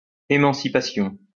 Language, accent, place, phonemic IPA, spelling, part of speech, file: French, France, Lyon, /e.mɑ̃.si.pa.sjɔ̃/, émancipation, noun, LL-Q150 (fra)-émancipation.wav
- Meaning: emancipation